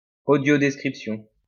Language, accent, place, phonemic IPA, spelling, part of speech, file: French, France, Lyon, /o.djo.dɛs.kʁip.sjɔ̃/, audiodescription, noun, LL-Q150 (fra)-audiodescription.wav
- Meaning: audio description; synonym of vidéodescription